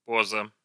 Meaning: 1. pose, posture, attitude 2. affectation, pretense
- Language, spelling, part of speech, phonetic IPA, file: Russian, поза, noun, [ˈpozə], Ru-поза.ogg